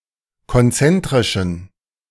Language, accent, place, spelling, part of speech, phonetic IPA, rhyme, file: German, Germany, Berlin, konzentrischen, adjective, [kɔnˈt͡sɛntʁɪʃn̩], -ɛntʁɪʃn̩, De-konzentrischen.ogg
- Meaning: inflection of konzentrisch: 1. strong genitive masculine/neuter singular 2. weak/mixed genitive/dative all-gender singular 3. strong/weak/mixed accusative masculine singular 4. strong dative plural